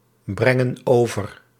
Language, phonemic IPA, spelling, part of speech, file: Dutch, /ˈbrɛŋə(n) ˈovər/, brengen over, verb, Nl-brengen over.ogg
- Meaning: inflection of overbrengen: 1. plural present indicative 2. plural present subjunctive